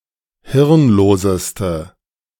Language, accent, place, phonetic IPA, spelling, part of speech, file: German, Germany, Berlin, [ˈhɪʁnˌloːzəstə], hirnloseste, adjective, De-hirnloseste.ogg
- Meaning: inflection of hirnlos: 1. strong/mixed nominative/accusative feminine singular superlative degree 2. strong nominative/accusative plural superlative degree